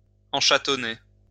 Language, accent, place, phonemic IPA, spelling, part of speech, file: French, France, Lyon, /ɑ̃.ʃa.tɔ.ne/, enchatonner, verb, LL-Q150 (fra)-enchatonner.wav
- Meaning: to attach a jewel on the collet of a ring